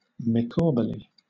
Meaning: in an upbeat and optimistic way, in the face of seemingly hopeless circumstances
- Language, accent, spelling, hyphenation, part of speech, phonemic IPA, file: English, Southern England, Micawberly, Mi‧caw‧ber‧ly, adverb, /mɪˈkɔːbəli/, LL-Q1860 (eng)-Micawberly.wav